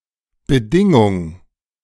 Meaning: 1. requirement, prerequisite 2. condition, term
- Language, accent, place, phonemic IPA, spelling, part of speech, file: German, Germany, Berlin, /bəˈdɪŋʊŋ/, Bedingung, noun, De-Bedingung.ogg